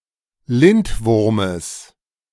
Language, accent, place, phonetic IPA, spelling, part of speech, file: German, Germany, Berlin, [ˈlɪntˌvʊʁməs], Lindwurmes, noun, De-Lindwurmes.ogg
- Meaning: genitive of Lindwurm